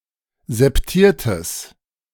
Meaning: strong/mixed nominative/accusative neuter singular of septiert
- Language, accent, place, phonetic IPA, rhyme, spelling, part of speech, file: German, Germany, Berlin, [zɛpˈtiːɐ̯təs], -iːɐ̯təs, septiertes, adjective, De-septiertes.ogg